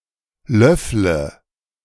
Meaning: inflection of löffeln: 1. first-person singular present 2. singular imperative 3. first/third-person singular subjunctive I
- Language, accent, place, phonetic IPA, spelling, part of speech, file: German, Germany, Berlin, [ˈlœflə], löffle, verb, De-löffle.ogg